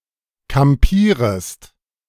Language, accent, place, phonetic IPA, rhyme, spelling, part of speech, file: German, Germany, Berlin, [kamˈpiːʁəst], -iːʁəst, kampierest, verb, De-kampierest.ogg
- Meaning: second-person singular subjunctive I of kampieren